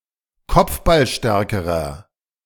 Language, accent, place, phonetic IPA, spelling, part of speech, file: German, Germany, Berlin, [ˈkɔp͡fbalˌʃtɛʁkəʁɐ], kopfballstärkerer, adjective, De-kopfballstärkerer.ogg
- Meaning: inflection of kopfballstark: 1. strong/mixed nominative masculine singular comparative degree 2. strong genitive/dative feminine singular comparative degree